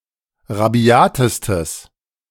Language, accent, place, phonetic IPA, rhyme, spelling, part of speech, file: German, Germany, Berlin, [ʁaˈbi̯aːtəstəs], -aːtəstəs, rabiatestes, adjective, De-rabiatestes.ogg
- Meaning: strong/mixed nominative/accusative neuter singular superlative degree of rabiat